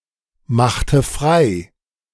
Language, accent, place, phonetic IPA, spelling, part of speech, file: German, Germany, Berlin, [ˌmaxtə ˈfʁaɪ̯], machte frei, verb, De-machte frei.ogg
- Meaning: inflection of freimachen: 1. first/third-person singular preterite 2. first/third-person singular subjunctive II